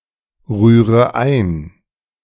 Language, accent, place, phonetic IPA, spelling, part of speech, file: German, Germany, Berlin, [ˌʁyːʁə ˈaɪ̯n], rühre ein, verb, De-rühre ein.ogg
- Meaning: inflection of einrühren: 1. first-person singular present 2. first/third-person singular subjunctive I 3. singular imperative